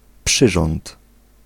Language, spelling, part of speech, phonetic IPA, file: Polish, przyrząd, noun, [ˈpʃɨʒɔ̃nt], Pl-przyrząd.ogg